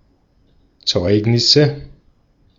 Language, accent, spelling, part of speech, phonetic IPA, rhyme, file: German, Austria, Zeugnisse, noun, [ˈt͡sɔɪ̯knɪsə], -ɔɪ̯knɪsə, De-at-Zeugnisse.ogg
- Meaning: nominative/accusative/genitive plural of Zeugnis